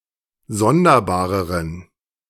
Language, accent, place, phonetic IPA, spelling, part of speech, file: German, Germany, Berlin, [ˈzɔndɐˌbaːʁəʁən], sonderbareren, adjective, De-sonderbareren.ogg
- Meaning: inflection of sonderbar: 1. strong genitive masculine/neuter singular comparative degree 2. weak/mixed genitive/dative all-gender singular comparative degree